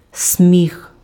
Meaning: laugh, laughter
- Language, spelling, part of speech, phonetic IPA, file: Ukrainian, сміх, noun, [sʲmʲix], Uk-сміх.ogg